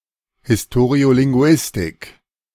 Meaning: historical linguistics
- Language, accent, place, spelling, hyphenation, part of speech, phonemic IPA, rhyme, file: German, Germany, Berlin, Historiolinguistik, His‧to‧ri‧o‧lin‧gu‧is‧tik, noun, /hɪsˌtoːʁi̯olɪŋˈɡu̯ɪstɪk/, -ɪstɪk, De-Historiolinguistik.ogg